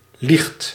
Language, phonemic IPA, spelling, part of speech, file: Dutch, /lixt/, liegt, verb, Nl-liegt.ogg
- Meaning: inflection of liegen: 1. second/third-person singular present indicative 2. plural imperative